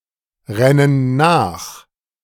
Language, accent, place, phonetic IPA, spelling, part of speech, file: German, Germany, Berlin, [ˌʁɛnən ˈnaːx], rennen nach, verb, De-rennen nach.ogg
- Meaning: inflection of nachrennen: 1. first/third-person plural present 2. first/third-person plural subjunctive I